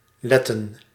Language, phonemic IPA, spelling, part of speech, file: Dutch, /ˈlɛtə(n)/, letten, verb, Nl-letten.ogg
- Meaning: 1. to pay attention, to mind 2. to prevent from doing something, to keep, to hinder, to stop 3. to watch, to look, to see